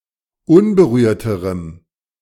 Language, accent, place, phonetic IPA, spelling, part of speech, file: German, Germany, Berlin, [ˈʊnbəˌʁyːɐ̯təʁəm], unberührterem, adjective, De-unberührterem.ogg
- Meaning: strong dative masculine/neuter singular comparative degree of unberührt